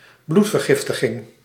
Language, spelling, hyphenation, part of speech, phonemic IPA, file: Dutch, bloedvergiftiging, bloed‧ver‧gif‧ti‧ging, noun, /ˈblut.vərˌɣɪf.tə.ɣɪŋ/, Nl-bloedvergiftiging.ogg
- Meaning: blood poisoning (presence of micro-organisms in bloodstream enough to cause serious illness)